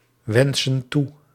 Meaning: inflection of toewensen: 1. plural present indicative 2. plural present subjunctive
- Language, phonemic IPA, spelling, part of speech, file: Dutch, /ˈwɛnsə(n) ˈtu/, wensen toe, verb, Nl-wensen toe.ogg